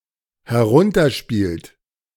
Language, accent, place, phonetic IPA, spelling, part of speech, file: German, Germany, Berlin, [hɛˈʁʊntɐˌʃpiːlt], herunterspielt, verb, De-herunterspielt.ogg
- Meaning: inflection of herunterspielen: 1. third-person singular dependent present 2. second-person plural dependent present